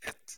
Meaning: a, an (the neuter indefinite article)
- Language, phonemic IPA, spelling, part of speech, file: Norwegian Bokmål, /ɛt/, et, article, No-et.ogg